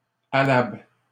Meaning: doable, feasible
- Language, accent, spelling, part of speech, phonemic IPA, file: French, Canada, allable, adjective, /a.labl/, LL-Q150 (fra)-allable.wav